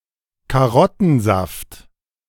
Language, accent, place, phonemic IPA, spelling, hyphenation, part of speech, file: German, Germany, Berlin, /kaˈʁɔtn̩ˌzaft/, Karottensaft, Ka‧rot‧ten‧saft, noun, De-Karottensaft.ogg
- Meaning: carrot juice